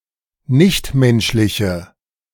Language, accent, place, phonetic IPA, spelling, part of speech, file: German, Germany, Berlin, [ˈnɪçtˌmɛnʃlɪçə], nichtmenschliche, adjective, De-nichtmenschliche.ogg
- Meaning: inflection of nichtmenschlich: 1. strong/mixed nominative/accusative feminine singular 2. strong nominative/accusative plural 3. weak nominative all-gender singular